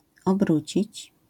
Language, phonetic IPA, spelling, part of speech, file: Polish, [ɔbˈrut͡ɕit͡ɕ], obrócić, verb, LL-Q809 (pol)-obrócić.wav